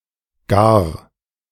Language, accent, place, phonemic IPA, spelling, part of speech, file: German, Germany, Berlin, /ɡaːr/, gar, adjective / adverb, De-gar2.ogg
- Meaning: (adjective) 1. cooked, done (of food such as meat or vegetables: ready for consumption) 2. refined; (adverb) 1. at all; even 2. even; expressing a climax 3. all 4. very; quite; really